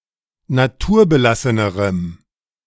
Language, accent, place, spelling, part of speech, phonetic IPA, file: German, Germany, Berlin, naturbelassenerem, adjective, [naˈtuːɐ̯bəˌlasənəʁəm], De-naturbelassenerem.ogg
- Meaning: strong dative masculine/neuter singular comparative degree of naturbelassen